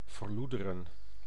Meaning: 1. to become decadent, to decay (morally), to degenerate 2. to deteriorate, to worsen (e.g. conditions)
- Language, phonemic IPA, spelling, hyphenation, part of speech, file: Dutch, /vərˈlu.də.rə(n)/, verloederen, ver‧loe‧de‧ren, verb, Nl-verloederen.ogg